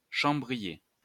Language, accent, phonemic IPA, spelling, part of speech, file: French, France, /ʃɑ̃.bʁi.je/, chambrier, noun, LL-Q150 (fra)-chambrier.wav
- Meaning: 1. chamberlain 2. chambermaid (or similar male servant)